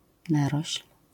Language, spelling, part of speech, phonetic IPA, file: Polish, narośl, noun, [ˈnarɔɕl̥], LL-Q809 (pol)-narośl.wav